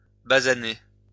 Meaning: to tan (brown the skin)
- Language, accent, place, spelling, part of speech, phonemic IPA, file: French, France, Lyon, basaner, verb, /ba.za.ne/, LL-Q150 (fra)-basaner.wav